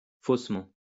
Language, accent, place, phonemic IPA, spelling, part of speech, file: French, France, Lyon, /fos.mɑ̃/, faussement, adverb, LL-Q150 (fra)-faussement.wav
- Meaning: falsely; untruly